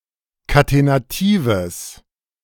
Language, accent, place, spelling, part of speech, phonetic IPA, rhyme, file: German, Germany, Berlin, katenatives, adjective, [katenaˈtiːvəs], -iːvəs, De-katenatives.ogg
- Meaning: strong/mixed nominative/accusative neuter singular of katenativ